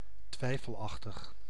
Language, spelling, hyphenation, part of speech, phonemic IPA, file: Dutch, twijfelachtig, twij‧fel‧ach‧tig, adjective, /ˈtʋɛi̯.fəlˌɑx.təx/, Nl-twijfelachtig.ogg
- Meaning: dubious, doubtful